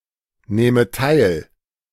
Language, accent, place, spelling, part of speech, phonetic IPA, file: German, Germany, Berlin, nähme teil, verb, [ˌnɛːmə ˈtaɪ̯l], De-nähme teil.ogg
- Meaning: first/third-person singular subjunctive II of teilnehmen